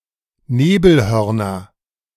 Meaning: dative plural of Nebelhorn
- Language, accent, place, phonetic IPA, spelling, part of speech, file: German, Germany, Berlin, [ˈneːbl̩ˌhœʁnɐn], Nebelhörnern, noun, De-Nebelhörnern.ogg